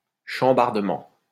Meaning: upheaval
- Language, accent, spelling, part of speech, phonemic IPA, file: French, France, chambardement, noun, /ʃɑ̃.baʁ.də.mɑ̃/, LL-Q150 (fra)-chambardement.wav